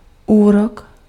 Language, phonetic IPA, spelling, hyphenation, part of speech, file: Czech, [ˈuːrok], úrok, úrok, noun, Cs-úrok.ogg
- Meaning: interest (finance)